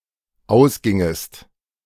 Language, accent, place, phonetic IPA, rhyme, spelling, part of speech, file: German, Germany, Berlin, [ˈaʊ̯sˌɡɪŋəst], -aʊ̯sɡɪŋəst, ausgingest, verb, De-ausgingest.ogg
- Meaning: second-person singular dependent subjunctive II of ausgehen